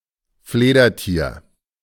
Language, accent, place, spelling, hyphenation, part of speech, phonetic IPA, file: German, Germany, Berlin, Fledertier, Fle‧der‧tier, noun, [ˈfleːdɐˌtiːɐ̯], De-Fledertier.ogg
- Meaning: bat (animal of the order Chiroptera)